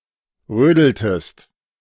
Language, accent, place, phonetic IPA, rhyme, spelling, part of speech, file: German, Germany, Berlin, [ˈʁøːdl̩təst], -øːdl̩təst, rödeltest, verb, De-rödeltest.ogg
- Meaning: inflection of rödeln: 1. second-person singular preterite 2. second-person singular subjunctive II